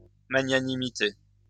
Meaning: magnanimity
- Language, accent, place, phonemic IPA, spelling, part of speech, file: French, France, Lyon, /ma.ɲa.ni.mi.te/, magnanimité, noun, LL-Q150 (fra)-magnanimité.wav